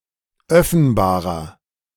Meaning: inflection of öffenbar: 1. strong/mixed nominative masculine singular 2. strong genitive/dative feminine singular 3. strong genitive plural
- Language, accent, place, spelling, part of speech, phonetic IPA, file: German, Germany, Berlin, öffenbarer, adjective, [ˈœfn̩baːʁɐ], De-öffenbarer.ogg